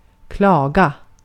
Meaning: 1. to complain (whether in a whiny way or not) 2. to wail, to whimper, to moan
- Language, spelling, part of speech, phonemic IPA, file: Swedish, klaga, verb, /²klɑːɡa/, Sv-klaga.ogg